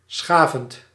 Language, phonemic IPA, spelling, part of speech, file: Dutch, /ˈsxaːvə(n)/, schaven, verb / noun, Nl-schaven.ogg
- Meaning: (verb) 1. to plane, to grate 2. to smooth 3. to rub roughly, over a rough surface; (noun) plural of schaaf